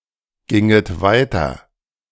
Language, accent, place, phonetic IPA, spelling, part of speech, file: German, Germany, Berlin, [ˌɡɪŋət ˈvaɪ̯tɐ], ginget weiter, verb, De-ginget weiter.ogg
- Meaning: second-person plural subjunctive II of weitergehen